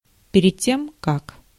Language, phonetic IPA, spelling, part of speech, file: Russian, [ˈpʲerʲɪt ˈtʲem kak], перед тем как, conjunction, Ru-перед тем как.ogg
- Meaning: before